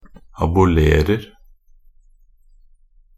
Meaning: present tense of abolere
- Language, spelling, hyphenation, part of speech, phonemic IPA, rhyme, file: Norwegian Bokmål, abolerer, a‧bo‧ler‧er, verb, /abʊˈleːrər/, -ər, Nb-abolerer.ogg